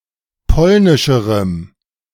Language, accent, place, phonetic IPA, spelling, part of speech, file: German, Germany, Berlin, [ˈpɔlnɪʃəʁəm], polnischerem, adjective, De-polnischerem.ogg
- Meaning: strong dative masculine/neuter singular comparative degree of polnisch